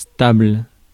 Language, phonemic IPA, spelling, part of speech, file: French, /stabl/, stable, adjective, Fr-stable.ogg
- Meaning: stable (relatively unchanging)